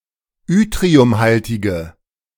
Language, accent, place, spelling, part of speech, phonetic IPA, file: German, Germany, Berlin, yttriumhaltige, adjective, [ˈʏtʁiʊmˌhaltɪɡə], De-yttriumhaltige.ogg
- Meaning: inflection of yttriumhaltig: 1. strong/mixed nominative/accusative feminine singular 2. strong nominative/accusative plural 3. weak nominative all-gender singular